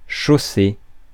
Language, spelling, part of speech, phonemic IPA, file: French, chausser, verb, /ʃo.se/, Fr-chausser.ogg
- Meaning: 1. to put footwear (on someone) 2. to shoe (a horse) 3. to put on footwear 4. to have a certain shoe size 5. to mulch (a tree)